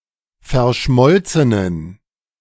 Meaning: inflection of verschmolzen: 1. strong genitive masculine/neuter singular 2. weak/mixed genitive/dative all-gender singular 3. strong/weak/mixed accusative masculine singular 4. strong dative plural
- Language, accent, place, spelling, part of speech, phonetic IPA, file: German, Germany, Berlin, verschmolzenen, adjective, [fɛɐ̯ˈʃmɔlt͡sənən], De-verschmolzenen.ogg